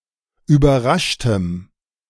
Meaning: strong dative masculine/neuter singular of überrascht
- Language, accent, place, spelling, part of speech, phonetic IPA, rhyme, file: German, Germany, Berlin, überraschtem, adjective, [yːbɐˈʁaʃtəm], -aʃtəm, De-überraschtem.ogg